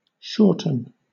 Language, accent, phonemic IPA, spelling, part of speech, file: English, Southern England, /ˈʃɔːtn̩/, shorten, verb, LL-Q1860 (eng)-shorten.wav
- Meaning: 1. To make shorter; to abbreviate 2. To become shorter 3. To make deficient (as to); to deprive (of) 4. To make short or friable, as pastry, with butter, lard, etc